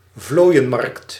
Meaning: flea market, an outdoor market for trading inexpensive antiques, curios
- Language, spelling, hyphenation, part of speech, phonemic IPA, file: Dutch, vlooienmarkt, vlooi‧en‧markt, noun, /ˈvloːi̯ə(n)mɑrkt/, Nl-vlooienmarkt.ogg